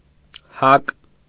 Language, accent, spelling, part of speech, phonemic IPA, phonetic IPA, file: Armenian, Eastern Armenian, հակ, noun, /hɑk/, [hɑk], Hy-հակ.ogg
- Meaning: bale, bag, sack, pack